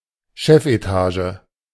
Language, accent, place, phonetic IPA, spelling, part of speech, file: German, Germany, Berlin, [ˈʃɛfʔeˌtaːʒə], Chefetage, noun, De-Chefetage.ogg
- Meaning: executive floor (mostly used figuratively as a synonym for bosses)